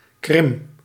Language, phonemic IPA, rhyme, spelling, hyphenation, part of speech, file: Dutch, /krɪm/, -ɪm, Krim, Krim, proper noun, Nl-Krim.ogg